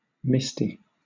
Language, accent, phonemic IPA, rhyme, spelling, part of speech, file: English, Southern England, /ˈmɪsti/, -ɪsti, misty, adjective, LL-Q1860 (eng)-misty.wav
- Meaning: 1. Covered in mist; foggy 2. Dim; vague; obscure 3. With tears in the eyes; dewy-eyed